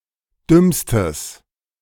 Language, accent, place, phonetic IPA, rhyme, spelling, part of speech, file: German, Germany, Berlin, [ˈdʏmstəs], -ʏmstəs, dümmstes, adjective, De-dümmstes.ogg
- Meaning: strong/mixed nominative/accusative neuter singular superlative degree of dumm